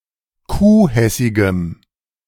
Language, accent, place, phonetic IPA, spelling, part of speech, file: German, Germany, Berlin, [ˈkuːˌhɛsɪɡəm], kuhhessigem, adjective, De-kuhhessigem.ogg
- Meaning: strong dative masculine/neuter singular of kuhhessig